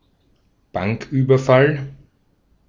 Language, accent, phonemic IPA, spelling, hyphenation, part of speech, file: German, Austria, /ˈbaŋkˌʔyːbɐfal/, Banküberfall, Bank‧über‧fall, noun, De-at-Banküberfall.ogg
- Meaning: bank raid, bank robbery, bank heist